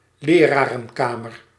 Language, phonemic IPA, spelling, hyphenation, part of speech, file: Dutch, /ˈleː.raː.rə(n)ˌkaː.mər/, lerarenkamer, le‧ra‧ren‧ka‧mer, noun, Nl-lerarenkamer.ogg
- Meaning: a staff room for teachers in a school